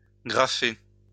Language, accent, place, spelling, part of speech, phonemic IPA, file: French, France, Lyon, graffer, verb, /ɡʁa.fe/, LL-Q150 (fra)-graffer.wav
- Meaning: to graffiti